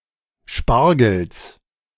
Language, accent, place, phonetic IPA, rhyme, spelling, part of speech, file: German, Germany, Berlin, [ˈʃpaʁɡl̩s], -aʁɡl̩s, Spargels, noun, De-Spargels.ogg
- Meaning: genitive of Spargel